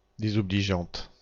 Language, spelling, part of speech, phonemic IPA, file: French, désobligeante, adjective, /de.zɔ.bli.ʒɑ̃t/, Fr-désobligeante.ogg
- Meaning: feminine singular of désobligeant